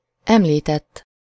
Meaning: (verb) 1. third-person singular indicative past indefinite of említ 2. past participle of említ; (adjective) mentioned, referred to
- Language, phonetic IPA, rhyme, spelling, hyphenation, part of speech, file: Hungarian, [ˈɛmliːtɛtː], -ɛtː, említett, em‧lí‧tett, verb / adjective, Hu-említett.ogg